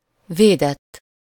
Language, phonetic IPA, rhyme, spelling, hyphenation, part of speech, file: Hungarian, [ˈveːdɛtː], -ɛtː, védett, vé‧dett, verb / adjective, Hu-védett.ogg
- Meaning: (verb) 1. third-person singular indicative past indefinite of véd 2. past participle of véd; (adjective) protected